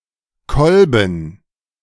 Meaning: 1. club, beetle 2. butt of a rifle 3. piston 4. spadix 5. spike (of Typha) 6. flask
- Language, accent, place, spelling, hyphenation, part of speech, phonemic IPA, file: German, Germany, Berlin, Kolben, Kol‧ben, noun, /ˈkɔlbən/, De-Kolben.ogg